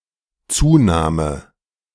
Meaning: surname
- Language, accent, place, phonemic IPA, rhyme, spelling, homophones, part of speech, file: German, Germany, Berlin, /ˈtsuːnaːmə/, -aːmə, Zuname, Zunahme, noun, De-Zuname.ogg